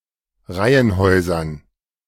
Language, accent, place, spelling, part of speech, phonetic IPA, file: German, Germany, Berlin, Reihenhäusern, noun, [ˈʁaɪ̯ənˌhɔɪ̯zɐn], De-Reihenhäusern.ogg
- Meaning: dative plural of Reihenhaus